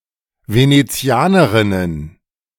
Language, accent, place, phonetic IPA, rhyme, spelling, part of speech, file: German, Germany, Berlin, [ˌveneˈt͡si̯aːnəˌʁɪnən], -aːnəʁɪnən, Venezianerinnen, noun, De-Venezianerinnen.ogg
- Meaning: plural of Venezianerin